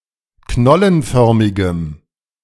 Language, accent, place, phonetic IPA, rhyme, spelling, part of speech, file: German, Germany, Berlin, [ˈknɔlənˌfœʁmɪɡəm], -ɔlənfœʁmɪɡəm, knollenförmigem, adjective, De-knollenförmigem.ogg
- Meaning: strong dative masculine/neuter singular of knollenförmig